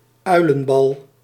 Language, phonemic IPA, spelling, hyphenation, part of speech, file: Dutch, /ˈœy̯.lə(n)ˌbɑl/, uilenbal, ui‧len‧bal, noun, Nl-uilenbal.ogg
- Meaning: pellet vomited by an owl